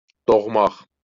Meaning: 1. to be born 2. to give birth to 3. to go up 4. to appear, to emerge
- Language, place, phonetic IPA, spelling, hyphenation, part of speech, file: Azerbaijani, Baku, [doɣˈmɑx], doğmaq, doğ‧maq, verb, LL-Q9292 (aze)-doğmaq.wav